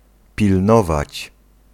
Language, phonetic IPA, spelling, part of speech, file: Polish, [pʲilˈnɔvat͡ɕ], pilnować, verb, Pl-pilnować.ogg